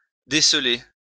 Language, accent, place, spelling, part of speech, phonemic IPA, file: French, France, Lyon, déceler, verb, /de.sle/, LL-Q150 (fra)-déceler.wav
- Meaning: 1. to uncover, to reveal, to discover 2. to show oneself, to come out